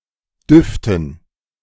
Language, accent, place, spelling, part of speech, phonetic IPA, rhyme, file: German, Germany, Berlin, Düften, noun, [ˈdʏftn̩], -ʏftn̩, De-Düften.ogg
- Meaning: dative plural of Duft